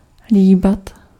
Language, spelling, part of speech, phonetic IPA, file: Czech, líbat, verb, [ˈliːbat], Cs-líbat.ogg
- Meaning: to kiss